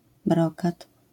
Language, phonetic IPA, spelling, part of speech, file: Polish, [ˈbrɔkat], brokat, noun, LL-Q809 (pol)-brokat.wav